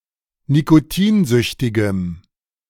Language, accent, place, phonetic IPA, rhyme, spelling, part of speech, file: German, Germany, Berlin, [nikoˈtiːnˌzʏçtɪɡəm], -iːnzʏçtɪɡəm, nikotinsüchtigem, adjective, De-nikotinsüchtigem.ogg
- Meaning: strong dative masculine/neuter singular of nikotinsüchtig